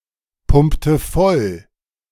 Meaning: inflection of vollpumpen: 1. first/third-person singular preterite 2. first/third-person singular subjunctive II
- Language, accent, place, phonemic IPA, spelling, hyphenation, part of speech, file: German, Germany, Berlin, /ˌpʊmptə ˈfɔl/, pumpte voll, pump‧te voll, verb, De-pumpte voll.ogg